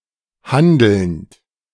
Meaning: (verb) present participle of handeln; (adjective) acting
- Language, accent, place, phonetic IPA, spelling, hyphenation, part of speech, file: German, Germany, Berlin, [ˈhandl̩nt], handelnd, han‧delnd, verb / adjective, De-handelnd.ogg